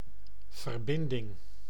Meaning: 1. connection, link 2. compound
- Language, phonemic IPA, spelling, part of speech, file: Dutch, /vərˈbɪn.dɪŋ/, verbinding, noun, Nl-verbinding.ogg